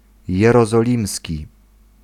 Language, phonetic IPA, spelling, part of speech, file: Polish, [ˌjɛrɔzɔˈlʲĩmsʲci], jerozolimski, adjective, Pl-jerozolimski.ogg